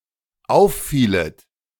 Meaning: second-person plural dependent subjunctive II of auffallen
- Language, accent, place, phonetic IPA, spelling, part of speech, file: German, Germany, Berlin, [ˈaʊ̯fˌfiːlət], auffielet, verb, De-auffielet.ogg